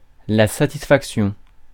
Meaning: 1. satisfaction 2. fulfilment 3. pleasure
- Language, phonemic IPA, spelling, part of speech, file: French, /sa.tis.fak.sjɔ̃/, satisfaction, noun, Fr-satisfaction.ogg